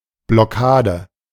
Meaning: blockade
- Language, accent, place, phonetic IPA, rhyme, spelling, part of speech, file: German, Germany, Berlin, [blɔˈkaːdə], -aːdə, Blockade, noun, De-Blockade.ogg